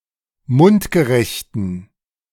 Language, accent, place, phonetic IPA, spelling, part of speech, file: German, Germany, Berlin, [ˈmʊntɡəˌʁɛçtn̩], mundgerechten, adjective, De-mundgerechten.ogg
- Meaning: inflection of mundgerecht: 1. strong genitive masculine/neuter singular 2. weak/mixed genitive/dative all-gender singular 3. strong/weak/mixed accusative masculine singular 4. strong dative plural